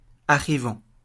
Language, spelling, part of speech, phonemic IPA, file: French, arrivant, verb / adjective / noun, /a.ʁi.vɑ̃/, LL-Q150 (fra)-arrivant.wav
- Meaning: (verb) present participle of arriver; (adjective) 1. arriving 2. incoming; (noun) arriver (one who arrives)